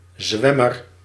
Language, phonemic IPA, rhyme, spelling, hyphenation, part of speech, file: Dutch, /ˈzʋɛ.mər/, -ɛmər, zwemmer, zwem‧mer, noun, Nl-zwemmer.ogg
- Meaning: swimmer